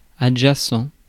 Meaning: adjacent
- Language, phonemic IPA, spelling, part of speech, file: French, /a.dʒa.sɑ̃/, adjacent, adjective, Fr-adjacent.ogg